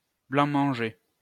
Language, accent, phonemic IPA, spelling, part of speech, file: French, France, /blɑ̃.mɑ̃.ʒe/, blanc-manger, noun, LL-Q150 (fra)-blanc-manger.wav
- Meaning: blancmange